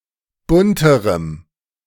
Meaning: strong dative masculine/neuter singular comparative degree of bunt
- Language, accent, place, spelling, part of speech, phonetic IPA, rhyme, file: German, Germany, Berlin, bunterem, adjective, [ˈbʊntəʁəm], -ʊntəʁəm, De-bunterem.ogg